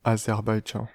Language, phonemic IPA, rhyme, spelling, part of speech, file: French, /a.zɛʁ.baj.dʒɑ̃/, -ɑ̃, Azerbaïdjan, proper noun, Fr-Azerbaïdjan.ogg
- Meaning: Azerbaijan (a region in northwestern Iran, where ancient Atropatene was located, encompassing the modern provinces of Ardabil, East Azerbaijan and West Azerbaijan)